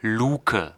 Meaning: hatch (opening in the ceiling/floor of a room, in the deck of a ship, etc.)
- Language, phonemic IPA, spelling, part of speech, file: German, /ˈluːkə/, Luke, noun, De-Luke.ogg